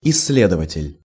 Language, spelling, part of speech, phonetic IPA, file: Russian, исследователь, noun, [ɪs⁽ʲ⁾ːˈlʲedəvətʲɪlʲ], Ru-исследователь.ogg
- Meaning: researcher